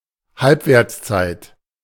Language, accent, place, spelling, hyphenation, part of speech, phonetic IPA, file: German, Germany, Berlin, Halbwertszeit, Halb‧werts‧zeit, noun, [ˈhalpveːɐ̯t͡sˌt͡saɪ̯t], De-Halbwertszeit.ogg
- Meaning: half-life